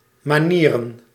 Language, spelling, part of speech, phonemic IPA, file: Dutch, manieren, noun, /mɑ.ˈniː.rə(n)/, Nl-manieren.ogg
- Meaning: 1. plural of manier 2. manners (proper conduct)